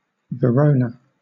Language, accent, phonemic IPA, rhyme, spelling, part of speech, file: English, Southern England, /vɪˈɹəʊnə/, -əʊnə, Verona, proper noun, LL-Q1860 (eng)-Verona.wav
- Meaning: 1. A city, the capital of the province of Verona, straddling the river Adige in Veneto, northern Italy 2. A province of Veneto, in northern Italy